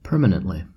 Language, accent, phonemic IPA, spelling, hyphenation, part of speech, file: English, US, /ˈpɝ.mə.nənt.li/, permanently, per‧ma‧nent‧ly, adverb, En-us-permanently.ogg
- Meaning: 1. In a permanent manner; lastingly 2. Forever